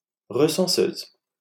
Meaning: female equivalent of recenseur
- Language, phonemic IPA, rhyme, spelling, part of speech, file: French, /ʁə.sɑ̃.søz/, -øz, recenseuse, noun, LL-Q150 (fra)-recenseuse.wav